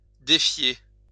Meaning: 1. to defy, challenge 2. to distrust, mistrust, beware
- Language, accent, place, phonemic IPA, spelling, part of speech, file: French, France, Lyon, /de.fje/, défier, verb, LL-Q150 (fra)-défier.wav